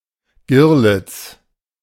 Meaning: serin (Serinus)
- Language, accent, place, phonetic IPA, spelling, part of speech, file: German, Germany, Berlin, [ˈɡɪr.lɪt͡s], Girlitz, noun, De-Girlitz.ogg